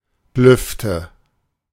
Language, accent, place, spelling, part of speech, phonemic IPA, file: German, Germany, Berlin, Lüfte, noun, /ˈlʏftə/, De-Lüfte.ogg
- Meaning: nominative/accusative/genitive plural of Luft